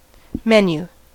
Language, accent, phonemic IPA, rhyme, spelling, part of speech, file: English, US, /ˈmɛn.ju/, -ɛnjuː, menu, noun / verb, En-us-menu.ogg
- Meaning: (noun) The details of the food to be served at a banquet; a bill of fare